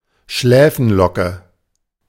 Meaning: sidelock, payot
- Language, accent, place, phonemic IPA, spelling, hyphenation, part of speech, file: German, Germany, Berlin, /ˈʃlɛːfn̩ˌlɔkə/, Schläfenlocke, Schlä‧fen‧lo‧cke, noun, De-Schläfenlocke.ogg